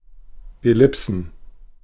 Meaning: plural of Ellipse
- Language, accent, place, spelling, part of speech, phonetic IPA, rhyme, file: German, Germany, Berlin, Ellipsen, noun, [ɛˈlɪpsn̩], -ɪpsn̩, De-Ellipsen.ogg